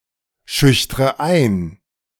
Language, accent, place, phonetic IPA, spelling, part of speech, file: German, Germany, Berlin, [ˌʃʏçtʁə ˈaɪ̯n], schüchtre ein, verb, De-schüchtre ein.ogg
- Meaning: inflection of einschüchtern: 1. first-person singular present 2. first/third-person singular subjunctive I 3. singular imperative